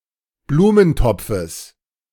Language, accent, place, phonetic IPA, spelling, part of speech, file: German, Germany, Berlin, [ˈbluːmənˌtɔp͡fəs], Blumentopfes, noun, De-Blumentopfes.ogg
- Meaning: genitive singular of Blumentopf